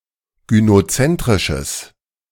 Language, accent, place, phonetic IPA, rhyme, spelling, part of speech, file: German, Germany, Berlin, [ɡynoˈt͡sɛntʁɪʃəs], -ɛntʁɪʃəs, gynozentrisches, adjective, De-gynozentrisches.ogg
- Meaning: strong/mixed nominative/accusative neuter singular of gynozentrisch